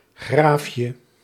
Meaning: diminutive of graaf
- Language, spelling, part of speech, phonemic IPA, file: Dutch, graafje, noun, /ˈɣrafjə/, Nl-graafje.ogg